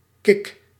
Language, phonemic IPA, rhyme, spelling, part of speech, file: Dutch, /kɪk/, -ɪk, kick, noun / verb, Nl-kick.ogg
- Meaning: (noun) kick, thrill (something that excites or gives pleasure); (verb) inflection of kicken: 1. first-person singular present indicative 2. second-person singular present indicative 3. imperative